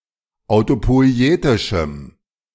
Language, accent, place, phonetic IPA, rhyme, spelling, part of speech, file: German, Germany, Berlin, [aʊ̯topɔɪ̯ˈeːtɪʃm̩], -eːtɪʃm̩, autopoietischem, adjective, De-autopoietischem.ogg
- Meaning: strong dative masculine/neuter singular of autopoietisch